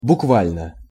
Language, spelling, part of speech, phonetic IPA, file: Russian, буквально, adverb / adjective, [bʊkˈvalʲnə], Ru-буквально.ogg
- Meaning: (adverb) literally or word for word; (adjective) short neuter singular of буква́льный (bukválʹnyj)